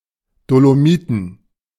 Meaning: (noun) dative plural of Dolomit; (proper noun) Dolomites (section of the Alps)
- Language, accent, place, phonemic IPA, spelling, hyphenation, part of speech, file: German, Germany, Berlin, /doloˈmiːtn̩/, Dolomiten, Do‧lo‧mi‧ten, noun / proper noun, De-Dolomiten.ogg